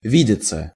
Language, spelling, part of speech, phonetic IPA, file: Russian, видеться, verb, [ˈvʲidʲɪt͡sə], Ru-видеться.ogg
- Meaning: 1. to see each other, to meet; to date 2. to see, to seem 3. passive of ви́деть (vídetʹ)